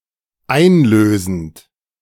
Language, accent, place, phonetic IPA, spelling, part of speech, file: German, Germany, Berlin, [ˈaɪ̯nˌløːzn̩t], einlösend, verb, De-einlösend.ogg
- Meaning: present participle of einlösen